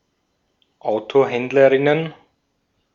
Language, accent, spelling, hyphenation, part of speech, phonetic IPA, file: German, Austria, Autohändlerinnen, Auto‧händ‧le‧rin‧nen, noun, [ˈaʊ̯toˌhɛndləʁɪnən], De-at-Autohändlerinnen.ogg
- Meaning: plural of Autohändlerin